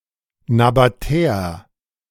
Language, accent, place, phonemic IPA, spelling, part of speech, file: German, Germany, Berlin, /nabaˈtɛːɐ/, Nabatäer, noun, De-Nabatäer.ogg
- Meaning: Nabataean, Nabatean